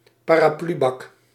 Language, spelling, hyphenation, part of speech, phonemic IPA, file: Dutch, paraplubak, pa‧ra‧plu‧bak, noun, /paː.raːˈplyˌbɑk/, Nl-paraplubak.ogg
- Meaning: an umbrella stand